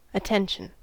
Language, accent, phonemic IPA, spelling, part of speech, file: English, General American, /əˈtɛn.ʃn̩/, attention, noun / interjection, En-us-attention.ogg
- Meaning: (noun) 1. Mental focus 2. An action or remark expressing concern for or interest in someone or something, especially romantic interest 3. A state of alertness in the standing position